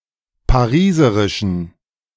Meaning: inflection of pariserisch: 1. strong genitive masculine/neuter singular 2. weak/mixed genitive/dative all-gender singular 3. strong/weak/mixed accusative masculine singular 4. strong dative plural
- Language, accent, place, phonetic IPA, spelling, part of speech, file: German, Germany, Berlin, [paˈʁiːzəʁɪʃn̩], pariserischen, adjective, De-pariserischen.ogg